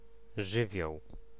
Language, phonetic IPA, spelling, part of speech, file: Polish, [ˈʒɨvʲjɔw], żywioł, noun, Pl-żywioł.ogg